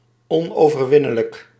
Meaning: invincible
- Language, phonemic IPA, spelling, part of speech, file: Dutch, /ˌɔ.noː.vərˈʋɪ.nə.lək/, onoverwinnelijk, adjective, Nl-onoverwinnelijk.ogg